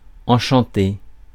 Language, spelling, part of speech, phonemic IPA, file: French, enchanté, adjective / interjection / verb, /ɑ̃.ʃɑ̃.te/, Fr-enchanté.ogg
- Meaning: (adjective) enchanted, delighted; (interjection) pleased to meet you; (verb) past participle of enchanter